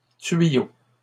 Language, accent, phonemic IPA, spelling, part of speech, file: French, Canada, /tɥi.jo/, tuyaux, noun, LL-Q150 (fra)-tuyaux.wav
- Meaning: plural of tuyau